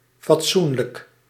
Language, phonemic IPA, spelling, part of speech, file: Dutch, /fɑtˈsunlək/, fatsoenlijk, adjective, Nl-fatsoenlijk.ogg
- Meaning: decent